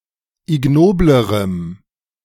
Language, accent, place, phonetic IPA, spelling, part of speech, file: German, Germany, Berlin, [ɪˈɡnoːbləʁəm], ignoblerem, adjective, De-ignoblerem.ogg
- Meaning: strong dative masculine/neuter singular comparative degree of ignobel